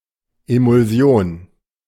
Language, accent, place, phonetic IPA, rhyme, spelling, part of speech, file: German, Germany, Berlin, [emʊlˈzi̯oːn], -oːn, Emulsion, noun, De-Emulsion.ogg
- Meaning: emulsion